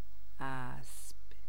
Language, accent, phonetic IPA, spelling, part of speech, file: Persian, Iran, [ʔæsb̥], اسب, noun, Fa-اسب.ogg
- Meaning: 1. horse 2. knight